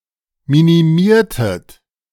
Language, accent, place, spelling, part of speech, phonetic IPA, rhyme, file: German, Germany, Berlin, minimiertet, verb, [ˌminiˈmiːɐ̯tət], -iːɐ̯tət, De-minimiertet.ogg
- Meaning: inflection of minimieren: 1. second-person plural preterite 2. second-person plural subjunctive II